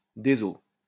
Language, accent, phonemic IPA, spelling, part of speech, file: French, France, /de.zo/, déso, interjection, LL-Q150 (fra)-déso.wav
- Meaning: soz; sorry